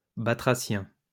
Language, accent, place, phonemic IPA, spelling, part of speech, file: French, France, Lyon, /ba.tʁa.sjɛ̃/, batracien, noun / adjective, LL-Q150 (fra)-batracien.wav
- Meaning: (noun) batrachian; amphibian; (adjective) batrachian